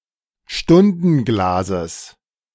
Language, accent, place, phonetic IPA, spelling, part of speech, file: German, Germany, Berlin, [ˈʃtʊndn̩ˌɡlaːzəs], Stundenglases, noun, De-Stundenglases.ogg
- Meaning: genitive singular of Stundenglas